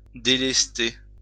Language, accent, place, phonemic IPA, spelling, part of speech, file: French, France, Lyon, /de.lɛs.te/, délester, verb, LL-Q150 (fra)-délester.wav
- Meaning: 1. to unballast, to remove ballast from (a ship, balloon, etc.) 2. to divert, to decongest (traffic, a road, etc.) 3. to rid, to relieve (someone) 4. to rob (someone) 5. to get rid of, to cast off